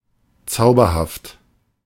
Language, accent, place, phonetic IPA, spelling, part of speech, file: German, Germany, Berlin, [ˈt͡saʊ̯bɐhaft], zauberhaft, adjective, De-zauberhaft.ogg
- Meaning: 1. enchanting, wonderful, beautiful, pleasing 2. as fascinating as a spell has been cast upon